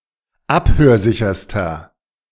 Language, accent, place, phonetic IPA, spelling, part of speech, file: German, Germany, Berlin, [ˈaphøːɐ̯ˌzɪçɐstɐ], abhörsicherster, adjective, De-abhörsicherster.ogg
- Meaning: inflection of abhörsicher: 1. strong/mixed nominative masculine singular superlative degree 2. strong genitive/dative feminine singular superlative degree 3. strong genitive plural superlative degree